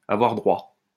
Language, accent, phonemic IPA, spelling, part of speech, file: French, France, /a.vwaʁ dʁwa/, avoir droit, verb, LL-Q150 (fra)-avoir droit.wav
- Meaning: 1. to be entitled to, to deserve 2. to be eligible to, to qualify for, to have a right to claim